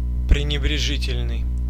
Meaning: disparaging, contemptuous, disdainful
- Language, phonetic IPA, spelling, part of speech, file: Russian, [prʲɪnʲɪbrʲɪˈʐɨtʲɪlʲnɨj], пренебрежительный, adjective, Ru-пренебрежительный.ogg